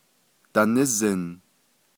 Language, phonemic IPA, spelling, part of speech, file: Navajo, /tɑ̀nɪ́zɪ̀n/, danízin, verb, Nv-danízin.ogg
- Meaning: third-person plural imperfective of nízin